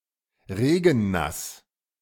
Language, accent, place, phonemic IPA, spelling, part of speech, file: German, Germany, Berlin, /ˈʁeːɡn̩ˌnas/, regennass, adjective, De-regennass.ogg
- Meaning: rainy (wet because of rain)